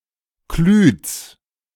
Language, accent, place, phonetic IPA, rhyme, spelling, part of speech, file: German, Germany, Berlin, [klyːt͡s], -yːt͡s, Klütz, proper noun, De-Klütz.ogg
- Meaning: a town in Mecklenburg-Vorpommern, Germany